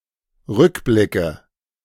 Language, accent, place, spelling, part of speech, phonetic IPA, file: German, Germany, Berlin, Rückblicke, noun, [ˈʁʏkˌblɪkə], De-Rückblicke.ogg
- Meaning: nominative/accusative/genitive plural of Rückblick